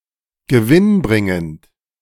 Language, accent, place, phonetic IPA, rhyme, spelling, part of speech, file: German, Germany, Berlin, [ɡəˈvɪnˌbʁɪŋənt], -ɪnbʁɪŋənt, gewinnbringend, adjective, De-gewinnbringend.ogg
- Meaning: profitable